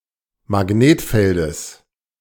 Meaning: genitive singular of Magnetfeld
- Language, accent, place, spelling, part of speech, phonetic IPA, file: German, Germany, Berlin, Magnetfeldes, noun, [maˈɡneːtˌfɛldəs], De-Magnetfeldes.ogg